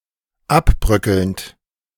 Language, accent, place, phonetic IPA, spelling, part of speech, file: German, Germany, Berlin, [ˈapˌbʁœkəlnt], abbröckelnd, verb, De-abbröckelnd.ogg
- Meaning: present participle of abbröckeln